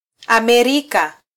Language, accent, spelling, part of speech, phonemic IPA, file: Swahili, Kenya, Amerika, proper noun, /ɑˈmɛ.ɾi.kɑ/, Sw-ke-Amerika.flac
- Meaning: America, the Americas (a supercontinent consisting of North America, Central America and South America regarded as a whole; in full, the Americas)